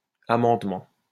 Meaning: amendment
- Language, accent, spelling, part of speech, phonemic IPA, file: French, France, amendement, noun, /a.mɑ̃d.mɑ̃/, LL-Q150 (fra)-amendement.wav